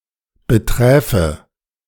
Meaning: first/third-person singular subjunctive II of betreffen
- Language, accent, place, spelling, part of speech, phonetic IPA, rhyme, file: German, Germany, Berlin, beträfe, verb, [bəˈtʁɛːfə], -ɛːfə, De-beträfe.ogg